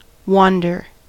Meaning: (verb) 1. To move without purpose or specified destination; often in search of livelihood 2. To stray; stray from one's course; err 3. To commit adultery
- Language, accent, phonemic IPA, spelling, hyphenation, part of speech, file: English, General American, /ˈwɑndɚ/, wander, wan‧der, verb / noun, En-us-wander.ogg